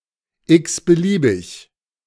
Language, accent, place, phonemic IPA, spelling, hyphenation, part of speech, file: German, Germany, Berlin, /ˌɪksbəˈliːbɪç/, x-beliebig, x-‧be‧lie‧big, adjective, De-x-beliebig.ogg
- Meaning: 1. indifferent 2. any old